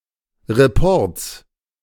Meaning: genitive singular of Report
- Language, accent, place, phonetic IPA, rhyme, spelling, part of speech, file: German, Germany, Berlin, [ʁeˈpɔʁt͡s], -ɔʁt͡s, Reports, noun, De-Reports.ogg